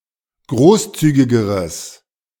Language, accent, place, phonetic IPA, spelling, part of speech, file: German, Germany, Berlin, [ˈɡʁoːsˌt͡syːɡɪɡəʁəs], großzügigeres, adjective, De-großzügigeres.ogg
- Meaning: strong/mixed nominative/accusative neuter singular comparative degree of großzügig